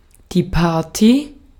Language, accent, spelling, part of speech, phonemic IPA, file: German, Austria, Party, noun, /ˈpaːɐ̯ti/, De-at-Party.ogg
- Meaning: party (social gathering)